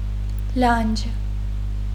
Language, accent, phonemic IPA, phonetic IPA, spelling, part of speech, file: Armenian, Eastern Armenian, /lɑnd͡ʒ/, [lɑnd͡ʒ], լանջ, noun, Hy-լանջ.ogg
- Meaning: 1. breast 2. mountain slope